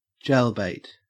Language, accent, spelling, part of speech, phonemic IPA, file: English, Australia, jailbait, noun, /ˈd͡ʒeɪlbeɪt/, En-au-jailbait.ogg
- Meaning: A sexually mature person below, or appearing to be below, the legal age of consent, who is regarded, usually by an adult, as being sexually attractive and/or seductive